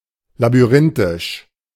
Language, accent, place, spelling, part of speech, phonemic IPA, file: German, Germany, Berlin, labyrinthisch, adjective, /labyˈʁɪntɪʃ/, De-labyrinthisch.ogg
- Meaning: labyrinthine